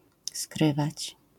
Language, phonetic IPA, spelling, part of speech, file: Polish, [ˈskrɨvat͡ɕ], skrywać, verb, LL-Q809 (pol)-skrywać.wav